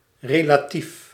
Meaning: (adjective) relative; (adverb) relatively
- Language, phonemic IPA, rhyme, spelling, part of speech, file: Dutch, /ˌreː.laːˈtif/, -if, relatief, adjective / adverb, Nl-relatief.ogg